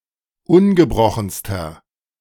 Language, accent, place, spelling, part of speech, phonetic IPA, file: German, Germany, Berlin, ungebrochenster, adjective, [ˈʊnɡəˌbʁɔxn̩stɐ], De-ungebrochenster.ogg
- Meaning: inflection of ungebrochen: 1. strong/mixed nominative masculine singular superlative degree 2. strong genitive/dative feminine singular superlative degree 3. strong genitive plural superlative degree